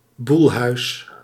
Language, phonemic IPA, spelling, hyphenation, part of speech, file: Dutch, /ˈbul.ɦœy̯s/, boelhuis, boel‧huis, noun, Nl-boelhuis.ogg
- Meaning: 1. the auction of a household's movable property, especially the house's inventory 2. the auction of a farm's livestock